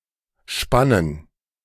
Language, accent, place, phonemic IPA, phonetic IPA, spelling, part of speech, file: German, Germany, Berlin, /ˈʃpanən/, [ˈʃpann̩], spannen, verb, De-spannen2.ogg
- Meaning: 1. to stretch 2. to tighten 3. to tension 4. to be taut 5. to harness 6. to span 7. to stare, gaze 8. to peep, spy on someone